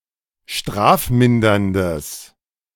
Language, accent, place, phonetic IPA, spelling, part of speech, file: German, Germany, Berlin, [ˈʃtʁaːfˌmɪndɐndəs], strafminderndes, adjective, De-strafminderndes.ogg
- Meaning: strong/mixed nominative/accusative neuter singular of strafmindernd